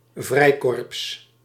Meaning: 1. paramilitary group 2. militia
- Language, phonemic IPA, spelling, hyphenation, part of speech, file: Dutch, /ˈvrɛi̯.kɔrps/, vrijkorps, vrij‧korps, noun, Nl-vrijkorps.ogg